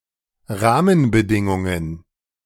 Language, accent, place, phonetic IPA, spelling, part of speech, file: German, Germany, Berlin, [ˈʁaːmənbəˌdɪŋʊŋən], Rahmenbedingungen, noun, De-Rahmenbedingungen.ogg
- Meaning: plural of Rahmenbedingung